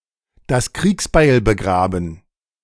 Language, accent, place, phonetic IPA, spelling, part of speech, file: German, Germany, Berlin, [das ˈkʁiːksbaɪ̯l bəˈɡʁaːbn̩], das Kriegsbeil begraben, phrase, De-das Kriegsbeil begraben.ogg
- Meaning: bury the hatchet